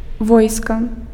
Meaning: 1. army 2. troops, forces
- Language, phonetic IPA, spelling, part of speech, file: Belarusian, [ˈvojska], войска, noun, Be-войска.ogg